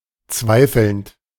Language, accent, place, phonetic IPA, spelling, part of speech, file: German, Germany, Berlin, [ˈt͡svaɪ̯fl̩nt], zweifelnd, verb, De-zweifelnd.ogg
- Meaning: present participle of zweifeln